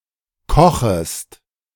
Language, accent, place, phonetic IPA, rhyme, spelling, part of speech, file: German, Germany, Berlin, [ˈkɔxəst], -ɔxəst, kochest, verb, De-kochest.ogg
- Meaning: second-person singular subjunctive I of kochen